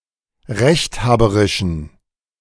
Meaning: inflection of rechthaberisch: 1. strong genitive masculine/neuter singular 2. weak/mixed genitive/dative all-gender singular 3. strong/weak/mixed accusative masculine singular 4. strong dative plural
- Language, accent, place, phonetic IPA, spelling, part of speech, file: German, Germany, Berlin, [ˈʁɛçtˌhaːbəʁɪʃn̩], rechthaberischen, adjective, De-rechthaberischen.ogg